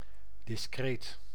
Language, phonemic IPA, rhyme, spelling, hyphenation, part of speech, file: Dutch, /dɪsˈkreːt/, -eːt, discreet, dis‧creet, adjective, Nl-discreet.ogg
- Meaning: 1. discreet (with discretion) 2. discrete (not continuous)